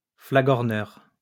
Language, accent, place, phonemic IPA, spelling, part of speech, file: French, France, Lyon, /fla.ɡɔʁ.nœʁ/, flagorneur, noun, LL-Q150 (fra)-flagorneur.wav
- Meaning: sycophant